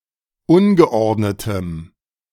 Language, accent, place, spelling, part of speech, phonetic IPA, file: German, Germany, Berlin, ungeordnetem, adjective, [ˈʊnɡəˌʔɔʁdnətəm], De-ungeordnetem.ogg
- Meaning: strong dative masculine/neuter singular of ungeordnet